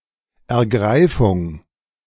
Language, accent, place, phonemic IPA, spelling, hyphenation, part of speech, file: German, Germany, Berlin, /ɛɐ̯ˈɡʁaɪ̯fʊŋ/, Ergreifung, Er‧grei‧fung, noun, De-Ergreifung.ogg
- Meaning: seizure